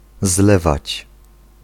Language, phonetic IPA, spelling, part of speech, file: Polish, [ˈzlɛvat͡ɕ], zlewać, verb, Pl-zlewać.ogg